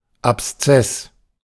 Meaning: abscess
- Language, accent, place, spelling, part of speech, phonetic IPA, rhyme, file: German, Germany, Berlin, Abszess, noun, [apsˈt͡sɛs], -ɛs, De-Abszess.ogg